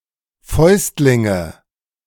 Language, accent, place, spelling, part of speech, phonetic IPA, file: German, Germany, Berlin, Fäustlinge, noun, [ˈfɔɪ̯stlɪŋə], De-Fäustlinge.ogg
- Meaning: nominative/accusative/genitive plural of Fäustling